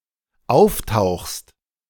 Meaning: second-person singular dependent present of auftauchen
- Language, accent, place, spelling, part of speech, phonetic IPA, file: German, Germany, Berlin, auftauchst, verb, [ˈaʊ̯fˌtaʊ̯xst], De-auftauchst.ogg